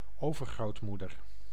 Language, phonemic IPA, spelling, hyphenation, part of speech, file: Dutch, /ˈoːvərɣroːtˌmudər/, overgrootmoeder, over‧groot‧moe‧der, noun, Nl-overgrootmoeder.ogg
- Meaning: great-grandmother